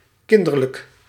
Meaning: childlike
- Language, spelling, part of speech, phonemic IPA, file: Dutch, kinderlijk, adjective, /ˈkɪn.dər.lək/, Nl-kinderlijk.ogg